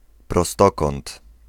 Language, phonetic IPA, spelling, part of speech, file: Polish, [prɔˈstɔkɔ̃nt], prostokąt, noun, Pl-prostokąt.ogg